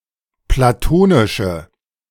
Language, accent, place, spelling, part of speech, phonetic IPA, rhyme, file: German, Germany, Berlin, platonische, adjective, [plaˈtoːnɪʃə], -oːnɪʃə, De-platonische.ogg
- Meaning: inflection of platonisch: 1. strong/mixed nominative/accusative feminine singular 2. strong nominative/accusative plural 3. weak nominative all-gender singular